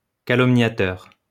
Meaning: slanderer; libeler
- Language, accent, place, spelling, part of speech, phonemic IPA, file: French, France, Lyon, calomniateur, noun, /ka.lɔm.nja.tœʁ/, LL-Q150 (fra)-calomniateur.wav